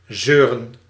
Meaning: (verb) 1. to whine, to complain in an unpleasant manner 2. to persist; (noun) plural of zeur
- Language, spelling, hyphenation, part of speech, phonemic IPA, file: Dutch, zeuren, zeu‧ren, verb / noun, /ˈzøː.rə(n)/, Nl-zeuren.ogg